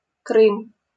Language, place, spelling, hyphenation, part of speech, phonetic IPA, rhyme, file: Russian, Saint Petersburg, Крым, Крым, proper noun, [krɨm], -ɨm, LL-Q7737 (rus)-Крым.wav